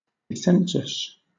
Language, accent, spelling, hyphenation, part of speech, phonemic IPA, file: English, Southern England, dissensus, dis‧sen‧sus, noun, /dɪˈsɛn.səs/, LL-Q1860 (eng)-dissensus.wav
- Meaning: Disagreement, especially when widespread